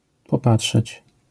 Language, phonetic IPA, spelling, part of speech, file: Polish, [pɔˈpaṭʃɛt͡ɕ], popatrzeć, verb, LL-Q809 (pol)-popatrzeć.wav